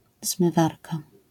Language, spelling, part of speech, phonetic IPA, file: Polish, zmywarka, noun, [zmɨˈvarka], LL-Q809 (pol)-zmywarka.wav